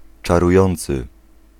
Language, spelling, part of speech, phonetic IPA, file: Polish, czarujący, verb / adjective, [ˌt͡ʃaruˈjɔ̃nt͡sɨ], Pl-czarujący.ogg